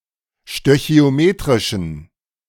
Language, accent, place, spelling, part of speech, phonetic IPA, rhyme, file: German, Germany, Berlin, stöchiometrischen, adjective, [ʃtøçi̯oˈmeːtʁɪʃn̩], -eːtʁɪʃn̩, De-stöchiometrischen.ogg
- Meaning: inflection of stöchiometrisch: 1. strong genitive masculine/neuter singular 2. weak/mixed genitive/dative all-gender singular 3. strong/weak/mixed accusative masculine singular 4. strong dative plural